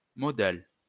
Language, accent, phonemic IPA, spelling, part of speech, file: French, France, /mɔ.dal/, modal, adjective / noun, LL-Q150 (fra)-modal.wav
- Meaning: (adjective) modal; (noun) 1. a modal verb 2. modal textile